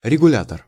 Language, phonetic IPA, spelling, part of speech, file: Russian, [rʲɪɡʊˈlʲatər], регулятор, noun, Ru-регулятор.ogg
- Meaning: regulator, control